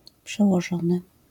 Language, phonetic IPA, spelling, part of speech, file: Polish, [ˌpʃɛwɔˈʒɔ̃nɨ], przełożony, noun / verb, LL-Q809 (pol)-przełożony.wav